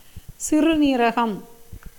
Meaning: kidney (an organ in the body that filters the blood, producing urine)
- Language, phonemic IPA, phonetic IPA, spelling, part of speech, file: Tamil, /tʃɪrʊniːɾɐɡɐm/, [sɪrʊniːɾɐɡɐm], சிறுநீரகம், noun, Ta-சிறுநீரகம்.ogg